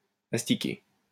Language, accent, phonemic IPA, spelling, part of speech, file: French, France, /as.ti.ke/, astiquer, verb, LL-Q150 (fra)-astiquer.wav
- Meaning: 1. to polish, shine, rub, furbish 2. to wank, to jerk off